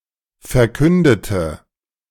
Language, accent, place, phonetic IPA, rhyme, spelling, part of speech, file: German, Germany, Berlin, [fɛɐ̯ˈkʏndətə], -ʏndətə, verkündete, adjective / verb, De-verkündete.ogg
- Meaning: inflection of verkünden: 1. first/third-person singular preterite 2. first/third-person singular subjunctive II